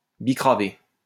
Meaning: to sell, deal (viz. drugs)
- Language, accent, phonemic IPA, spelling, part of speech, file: French, France, /bi.kʁa.ve/, bicraver, verb, LL-Q150 (fra)-bicraver.wav